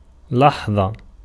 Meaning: moment, instant
- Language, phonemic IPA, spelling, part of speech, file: Arabic, /laħ.ðˤa/, لحظة, noun, Ar-لحظة.ogg